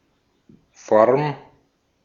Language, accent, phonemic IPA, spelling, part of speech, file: German, Austria, /fɔʁm/, Form, noun, De-at-Form.ogg
- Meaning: 1. shape 2. form (order of doing things)